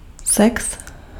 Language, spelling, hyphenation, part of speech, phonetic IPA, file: Czech, sex, sex, noun, [ˈsɛks], Cs-sex.ogg
- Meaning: sex (sexual intercourse)